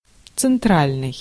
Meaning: central
- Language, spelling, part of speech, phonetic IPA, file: Russian, центральный, adjective, [t͡sɨnˈtralʲnɨj], Ru-центральный.ogg